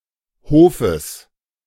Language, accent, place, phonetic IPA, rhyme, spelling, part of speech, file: German, Germany, Berlin, [ˈhoːfəs], -oːfəs, Hofes, noun, De-Hofes.ogg
- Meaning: genitive singular of Hof